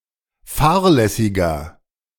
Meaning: inflection of fahrlässig: 1. strong/mixed nominative masculine singular 2. strong genitive/dative feminine singular 3. strong genitive plural
- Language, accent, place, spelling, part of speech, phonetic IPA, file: German, Germany, Berlin, fahrlässiger, adjective, [ˈfaːɐ̯lɛsɪɡɐ], De-fahrlässiger.ogg